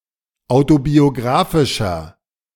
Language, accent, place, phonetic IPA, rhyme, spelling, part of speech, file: German, Germany, Berlin, [ˌaʊ̯tobioˈɡʁaːfɪʃɐ], -aːfɪʃɐ, autobiographischer, adjective, De-autobiographischer.ogg
- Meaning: 1. comparative degree of autobiographisch 2. inflection of autobiographisch: strong/mixed nominative masculine singular 3. inflection of autobiographisch: strong genitive/dative feminine singular